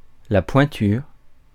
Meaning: 1. shoe size 2. master, expert, dab hand; big name (person very skilled at doing something)
- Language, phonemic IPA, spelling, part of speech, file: French, /pwɛ̃.tyʁ/, pointure, noun, Fr-pointure.ogg